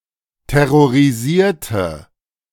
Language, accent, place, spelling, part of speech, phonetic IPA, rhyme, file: German, Germany, Berlin, terrorisierte, adjective / verb, [tɛʁoʁiˈziːɐ̯tə], -iːɐ̯tə, De-terrorisierte.ogg
- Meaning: inflection of terrorisieren: 1. first/third-person singular preterite 2. first/third-person singular subjunctive II